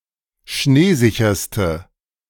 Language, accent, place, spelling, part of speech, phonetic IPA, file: German, Germany, Berlin, schneesicherste, adjective, [ˈʃneːˌzɪçɐstə], De-schneesicherste.ogg
- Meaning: inflection of schneesicher: 1. strong/mixed nominative/accusative feminine singular superlative degree 2. strong nominative/accusative plural superlative degree